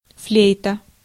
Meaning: flute (woodwind instrument)
- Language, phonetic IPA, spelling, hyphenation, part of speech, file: Russian, [ˈflʲejtə], флейта, флей‧та, noun, Ru-флейта.ogg